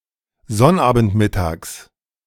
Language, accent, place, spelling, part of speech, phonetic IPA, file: German, Germany, Berlin, Sonnabendmittags, noun, [ˈzɔnʔaːbn̩tˌmɪtaːks], De-Sonnabendmittags.ogg
- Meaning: genitive of Sonnabendmittag